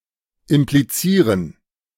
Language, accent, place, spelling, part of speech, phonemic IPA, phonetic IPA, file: German, Germany, Berlin, implizieren, verb, /ɪmpliˈtsiːʁən/, [ʔɪmpliˈtsiːɐ̯n], De-implizieren.ogg
- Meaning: to imply (express suggestively)